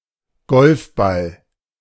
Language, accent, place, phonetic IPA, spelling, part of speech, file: German, Germany, Berlin, [ˈɡɔlfˌbal], Golfball, noun, De-Golfball.ogg
- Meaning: a golf ball